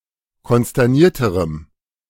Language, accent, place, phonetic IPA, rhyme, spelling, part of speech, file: German, Germany, Berlin, [kɔnstɛʁˈniːɐ̯təʁəm], -iːɐ̯təʁəm, konsternierterem, adjective, De-konsternierterem.ogg
- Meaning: strong dative masculine/neuter singular comparative degree of konsterniert